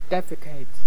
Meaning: 1. To excrete feces from one's bowels 2. To pass (something) as excrement; to purge 3. To clean (something) of dregs, impurities, etc.; to purify
- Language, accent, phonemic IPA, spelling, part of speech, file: English, US, /ˈdɛfɪkeɪt/, defecate, verb, En-us-defecate.ogg